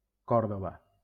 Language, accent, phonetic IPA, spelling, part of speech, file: Catalan, Valencia, [ˈkɔɾ.ðo.va], Còrdova, proper noun, LL-Q7026 (cat)-Còrdova.wav
- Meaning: 1. Córdoba (the capital of the province of Córdoba, Andalusia, Spain) 2. Córdoba (a province of Andalusia, Spain, around the city)